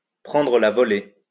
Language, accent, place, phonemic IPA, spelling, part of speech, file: French, France, Lyon, /pʁɑ̃.dʁə la vɔ.le/, prendre la volée, verb, LL-Q150 (fra)-prendre la volée.wav
- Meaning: to take flight, to leave suddenly and unexpectedly, to fly the coop